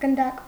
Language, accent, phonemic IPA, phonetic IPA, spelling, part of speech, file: Armenian, Eastern Armenian, /ɡənˈdɑk/, [ɡəndɑ́k], գնդակ, noun, Hy-գնդակ.ogg
- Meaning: 1. ball 2. bullet